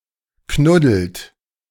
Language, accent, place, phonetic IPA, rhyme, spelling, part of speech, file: German, Germany, Berlin, [ˈknʊdl̩t], -ʊdl̩t, knuddelt, verb, De-knuddelt.ogg
- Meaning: inflection of knuddeln: 1. third-person singular present 2. second-person plural present 3. plural imperative